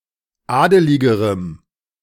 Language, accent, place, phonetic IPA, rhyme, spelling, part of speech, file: German, Germany, Berlin, [ˈaːdəlɪɡəʁəm], -aːdəlɪɡəʁəm, adeligerem, adjective, De-adeligerem.ogg
- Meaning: strong dative masculine/neuter singular comparative degree of adelig